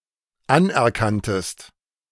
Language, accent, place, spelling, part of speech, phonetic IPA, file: German, Germany, Berlin, anerkanntest, verb, [ˈanʔɛɐ̯ˌkantəst], De-anerkanntest.ogg
- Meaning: second-person singular dependent preterite of anerkennen